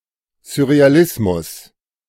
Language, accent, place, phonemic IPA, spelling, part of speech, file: German, Germany, Berlin, /zʊʁeaˈlɪsmʊs/, Surrealismus, noun, De-Surrealismus.ogg
- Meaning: surrealism